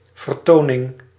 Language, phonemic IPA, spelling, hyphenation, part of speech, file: Dutch, /vərˈtonɪŋ/, vertoning, ver‧to‧ning, noun, Nl-vertoning.ogg
- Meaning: 1. show, spectacle, performance 2. display, charade